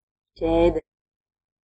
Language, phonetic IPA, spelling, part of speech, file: Latvian, [cɛ̄ːdɛ], ķēde, noun, Lv-ķēde.ogg
- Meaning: 1. chain (sequence of interconnected, usually metal, rings or links) 2. chain (a chain (1) made of precious metal, to be worn as an ornament) 3. chain, fetters (to restrain prisoners)